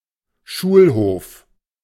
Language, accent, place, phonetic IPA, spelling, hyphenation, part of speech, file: German, Germany, Berlin, [ˈʃuːlˌhoːf], Schulhof, Schul‧hof, noun, De-Schulhof.ogg
- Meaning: schoolyard